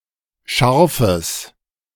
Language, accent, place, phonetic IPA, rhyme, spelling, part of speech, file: German, Germany, Berlin, [ˈʃaʁfəs], -aʁfəs, scharfes, adjective, De-scharfes.ogg
- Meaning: strong/mixed nominative/accusative neuter singular of scharf